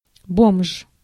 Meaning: 1. tramp, bum, hobo, slacker, homeless person 2. poorly dressed person
- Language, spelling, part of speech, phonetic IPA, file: Russian, бомж, noun, [bomʂ], Ru-бомж.ogg